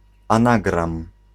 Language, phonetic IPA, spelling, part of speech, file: Polish, [ãˈnaɡrãm], anagram, noun, Pl-anagram.ogg